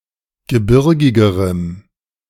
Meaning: strong dative masculine/neuter singular comparative degree of gebirgig
- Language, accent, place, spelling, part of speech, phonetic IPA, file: German, Germany, Berlin, gebirgigerem, adjective, [ɡəˈbɪʁɡɪɡəʁəm], De-gebirgigerem.ogg